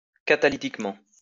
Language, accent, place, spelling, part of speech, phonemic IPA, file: French, France, Lyon, catalytiquement, adverb, /ka.ta.li.tik.mɑ̃/, LL-Q150 (fra)-catalytiquement.wav
- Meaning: catalytically